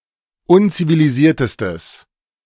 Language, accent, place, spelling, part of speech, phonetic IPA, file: German, Germany, Berlin, unzivilisiertestes, adjective, [ˈʊnt͡siviliˌziːɐ̯təstəs], De-unzivilisiertestes.ogg
- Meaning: strong/mixed nominative/accusative neuter singular superlative degree of unzivilisiert